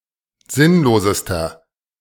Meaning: inflection of sinnlos: 1. strong/mixed nominative masculine singular superlative degree 2. strong genitive/dative feminine singular superlative degree 3. strong genitive plural superlative degree
- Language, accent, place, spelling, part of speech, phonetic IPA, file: German, Germany, Berlin, sinnlosester, adjective, [ˈzɪnloːzəstɐ], De-sinnlosester.ogg